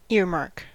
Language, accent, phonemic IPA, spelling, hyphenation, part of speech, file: English, General American, /ˈɪ(ə)ɹˌmɑɹk/, earmark, ear‧mark, noun / verb, En-us-earmark.ogg